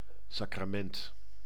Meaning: sacrament
- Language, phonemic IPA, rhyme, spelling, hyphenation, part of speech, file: Dutch, /ˌsaː.kraːˈmɛnt/, -ɛnt, sacrament, sa‧cra‧ment, noun, Nl-sacrament.ogg